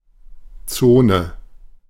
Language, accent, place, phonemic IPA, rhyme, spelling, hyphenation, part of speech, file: German, Germany, Berlin, /ˈtsoːnə/, -oːnə, Zone, Zo‧ne, noun / proper noun, De-Zone.ogg
- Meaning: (noun) zone; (proper noun) the German Democratic Republic (GDR)